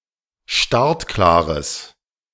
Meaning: strong/mixed nominative/accusative neuter singular of startklar
- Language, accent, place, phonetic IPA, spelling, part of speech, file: German, Germany, Berlin, [ˈʃtaʁtˌklaːʁəs], startklares, adjective, De-startklares.ogg